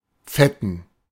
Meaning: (adjective) inflection of fett: 1. strong genitive masculine/neuter singular 2. weak/mixed genitive/dative all-gender singular 3. strong/weak/mixed accusative masculine singular
- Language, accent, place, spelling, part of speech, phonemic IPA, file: German, Germany, Berlin, fetten, adjective / verb, /ˈfɛ.tən/, De-fetten.ogg